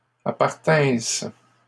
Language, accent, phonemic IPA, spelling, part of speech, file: French, Canada, /a.paʁ.tɛ̃s/, appartinsses, verb, LL-Q150 (fra)-appartinsses.wav
- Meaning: second-person singular imperfect subjunctive of appartenir